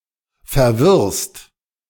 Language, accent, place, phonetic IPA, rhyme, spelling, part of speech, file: German, Germany, Berlin, [fɛɐ̯ˈvɪʁst], -ɪʁst, verwirrst, verb, De-verwirrst.ogg
- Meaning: second-person singular present of verwirren